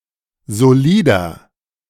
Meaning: inflection of solid: 1. strong/mixed nominative masculine singular 2. strong genitive/dative feminine singular 3. strong genitive plural
- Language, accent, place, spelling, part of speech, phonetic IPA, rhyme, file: German, Germany, Berlin, solider, adjective, [zoˈliːdɐ], -iːdɐ, De-solider.ogg